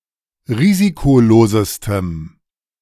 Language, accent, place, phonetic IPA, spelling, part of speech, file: German, Germany, Berlin, [ˈʁiːzikoˌloːzəstəm], risikolosestem, adjective, De-risikolosestem.ogg
- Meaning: strong dative masculine/neuter singular superlative degree of risikolos